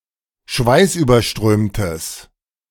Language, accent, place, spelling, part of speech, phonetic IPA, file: German, Germany, Berlin, schweißüberströmtes, adjective, [ˈʃvaɪ̯sʔyːbɐˌʃtʁøːmtəs], De-schweißüberströmtes.ogg
- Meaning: strong/mixed nominative/accusative neuter singular of schweißüberströmt